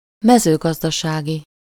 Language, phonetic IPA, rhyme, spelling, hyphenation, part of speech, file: Hungarian, [ˈmɛzøːɡɒzdɒʃaːɡi], -ɡi, mezőgazdasági, me‧ző‧gaz‧da‧sá‧gi, adjective, Hu-mezőgazdasági.ogg
- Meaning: 1. agricultural (of or relating to agriculture) 2. agricultural, agrarian, rural, farming